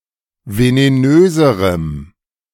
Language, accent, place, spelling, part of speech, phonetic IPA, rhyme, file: German, Germany, Berlin, venenöserem, adjective, [veneˈnøːzəʁəm], -øːzəʁəm, De-venenöserem.ogg
- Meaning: strong dative masculine/neuter singular comparative degree of venenös